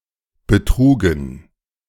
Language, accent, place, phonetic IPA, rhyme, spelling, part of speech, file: German, Germany, Berlin, [bəˈtʁuːɡn̩], -uːɡn̩, betrugen, verb, De-betrugen.ogg
- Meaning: first/third-person plural preterite of betragen